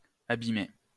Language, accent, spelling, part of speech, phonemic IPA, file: French, France, abimé, verb, /a.bi.me/, LL-Q150 (fra)-abimé.wav
- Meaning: past participle of abimer